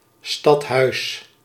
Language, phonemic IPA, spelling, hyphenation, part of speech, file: Dutch, /stɑtˈɦœy̯s/, stadhuis, stad‧huis, noun, Nl-stadhuis.ogg
- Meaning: town hall, city hall